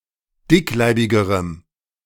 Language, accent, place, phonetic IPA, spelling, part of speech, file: German, Germany, Berlin, [ˈdɪkˌlaɪ̯bɪɡəʁəm], dickleibigerem, adjective, De-dickleibigerem.ogg
- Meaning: strong dative masculine/neuter singular comparative degree of dickleibig